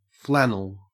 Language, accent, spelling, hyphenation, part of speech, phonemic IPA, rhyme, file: English, Australia, flannel, flan‧nel, noun / adjective / verb, /ˈflænəl/, -ænəl, En-au-flannel.ogg
- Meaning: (noun) 1. A soft cloth material originally woven from wool, today often combined with cotton or synthetic fibers 2. A washcloth 3. A flannel shirt